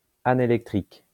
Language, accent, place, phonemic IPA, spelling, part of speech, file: French, France, Lyon, /a.ne.lɛk.tʁik/, anélectrique, adjective, LL-Q150 (fra)-anélectrique.wav
- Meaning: anelectric